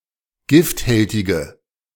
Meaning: inflection of gifthältig: 1. strong/mixed nominative/accusative feminine singular 2. strong nominative/accusative plural 3. weak nominative all-gender singular
- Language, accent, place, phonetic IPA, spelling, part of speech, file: German, Germany, Berlin, [ˈɡɪftˌhɛltɪɡə], gifthältige, adjective, De-gifthältige.ogg